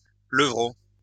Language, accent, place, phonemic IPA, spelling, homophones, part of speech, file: French, France, Lyon, /lə.vʁo/, levreau, levraut / levrauts / levreaux, noun, LL-Q150 (fra)-levreau.wav
- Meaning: leveret